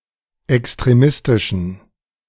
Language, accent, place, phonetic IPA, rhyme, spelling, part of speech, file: German, Germany, Berlin, [ɛkstʁeˈmɪstɪʃn̩], -ɪstɪʃn̩, extremistischen, adjective, De-extremistischen.ogg
- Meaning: inflection of extremistisch: 1. strong genitive masculine/neuter singular 2. weak/mixed genitive/dative all-gender singular 3. strong/weak/mixed accusative masculine singular 4. strong dative plural